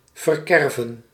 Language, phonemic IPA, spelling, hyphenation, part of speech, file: Dutch, /ˌvərˈkɛrvə(n)/, verkerven, ver‧ker‧ven, verb, Nl-verkerven.ogg
- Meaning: 1. to carve in a wrong way 2. to destroy by carving 3. to spoil, to ruin